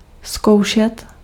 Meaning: 1. to test (to place a product or piece of equipment under everyday and/or extreme conditions and examine it for its durability) 2. to examine (to test skills or qualifications of someone)
- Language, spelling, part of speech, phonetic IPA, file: Czech, zkoušet, verb, [ˈskou̯ʃɛt], Cs-zkoušet.ogg